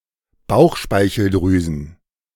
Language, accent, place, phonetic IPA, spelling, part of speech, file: German, Germany, Berlin, [ˈbaʊ̯xʃpaɪ̯çl̩ˌdʁyːzn̩], Bauchspeicheldrüsen, noun, De-Bauchspeicheldrüsen.ogg
- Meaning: plural of Bauchspeicheldrüse